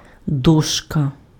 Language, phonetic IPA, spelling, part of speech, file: Ukrainian, [ˈdɔʃkɐ], дошка, noun, Uk-дошка.ogg
- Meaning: 1. board, plank 2. blackboard 3. plate